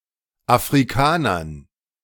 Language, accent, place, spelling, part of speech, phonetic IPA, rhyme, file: German, Germany, Berlin, Afrikanern, noun, [afʁiˈkaːnɐn], -aːnɐn, De-Afrikanern.ogg
- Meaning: dative plural of Afrikaner